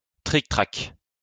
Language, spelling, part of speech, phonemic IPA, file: French, trictrac, noun, /tʁik.tʁak/, LL-Q150 (fra)-trictrac.wav
- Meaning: 1. a variant of backgammon, very popular during the 17th, 18th centuries in aristocratic circles of France 2. the board used to play it